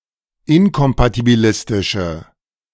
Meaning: inflection of inkompatibilistisch: 1. strong/mixed nominative/accusative feminine singular 2. strong nominative/accusative plural 3. weak nominative all-gender singular
- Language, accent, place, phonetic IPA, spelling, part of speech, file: German, Germany, Berlin, [ˈɪnkɔmpatibiˌlɪstɪʃə], inkompatibilistische, adjective, De-inkompatibilistische.ogg